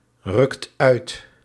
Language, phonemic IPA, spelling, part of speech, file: Dutch, /ˈrʏkt ˈœyt/, rukt uit, verb, Nl-rukt uit.ogg
- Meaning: inflection of uitrukken: 1. second/third-person singular present indicative 2. plural imperative